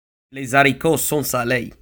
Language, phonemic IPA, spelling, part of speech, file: French, /le za.ri.ko sɔ̃ sa.le/, les zaricos sont salés, interjection, Frc-les zaricos sont salés.oga
- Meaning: things are going fine